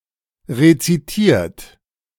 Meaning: 1. past participle of rezitieren 2. inflection of rezitieren: third-person singular present 3. inflection of rezitieren: second-person plural present 4. inflection of rezitieren: plural imperative
- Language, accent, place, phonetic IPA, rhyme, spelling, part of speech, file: German, Germany, Berlin, [ʁet͡siˈtiːɐ̯t], -iːɐ̯t, rezitiert, verb, De-rezitiert.ogg